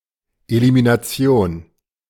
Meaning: elimination
- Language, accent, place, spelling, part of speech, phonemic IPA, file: German, Germany, Berlin, Elimination, noun, /ˌeliminaˈt͡si̯oːn/, De-Elimination.ogg